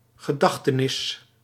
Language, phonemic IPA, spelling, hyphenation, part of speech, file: Dutch, /ɣəˈdɑx.təˌnɪs/, gedachtenis, ge‧dach‧te‧nis, noun, Nl-gedachtenis.ogg
- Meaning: 1. commemoration, remembrance 2. keepsake 3. commemorative monument